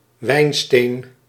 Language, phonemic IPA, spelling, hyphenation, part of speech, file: Dutch, /ˈʋɛi̯n.steːn/, wijnsteen, wijn‧steen, noun, Nl-wijnsteen.ogg
- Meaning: potassium bitartrate